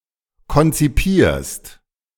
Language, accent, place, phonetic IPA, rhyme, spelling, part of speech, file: German, Germany, Berlin, [kɔnt͡siˈpiːɐ̯st], -iːɐ̯st, konzipierst, verb, De-konzipierst.ogg
- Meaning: second-person singular present of konzipieren